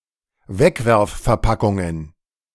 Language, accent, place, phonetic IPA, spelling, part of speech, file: German, Germany, Berlin, [ˈvɛkvɛʁffɛɐ̯ˌpakʊŋən], Wegwerfverpackungen, noun, De-Wegwerfverpackungen.ogg
- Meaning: plural of Wegwerfverpackung